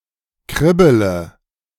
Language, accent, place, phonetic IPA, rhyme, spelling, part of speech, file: German, Germany, Berlin, [ˈkʁɪbələ], -ɪbələ, kribbele, verb, De-kribbele.ogg
- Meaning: inflection of kribbeln: 1. first-person singular present 2. first-person plural subjunctive I 3. third-person singular subjunctive I 4. singular imperative